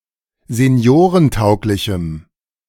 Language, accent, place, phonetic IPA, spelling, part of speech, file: German, Germany, Berlin, [zeˈni̯oːʁənˌtaʊ̯klɪçm̩], seniorentauglichem, adjective, De-seniorentauglichem.ogg
- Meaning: strong dative masculine/neuter singular of seniorentauglich